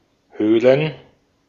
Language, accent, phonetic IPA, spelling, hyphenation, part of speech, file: German, Austria, [ˈhøːlən], Höhlen, Höh‧len, noun, De-at-Höhlen.ogg
- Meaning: 1. gerund of höhlen 2. plural of Höhle